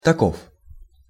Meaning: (pronoun) 1. like that, like this (sometimes translated as simply "that"/"those"" or "this"/"these") 2. such (in such a way that the following clause is true)
- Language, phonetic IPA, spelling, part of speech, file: Russian, [tɐˈkof], таков, pronoun / determiner, Ru-таков.ogg